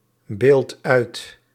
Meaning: inflection of uitbeelden: 1. second/third-person singular present indicative 2. plural imperative
- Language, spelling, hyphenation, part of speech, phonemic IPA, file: Dutch, beeldt uit, beeldt uit, verb, /ˌbeːlt ˈœy̯t/, Nl-beeldt uit.ogg